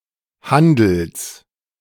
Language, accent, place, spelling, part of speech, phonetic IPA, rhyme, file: German, Germany, Berlin, Handels, noun, [ˈhandl̩s], -andl̩s, De-Handels.ogg
- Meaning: genitive singular of Handel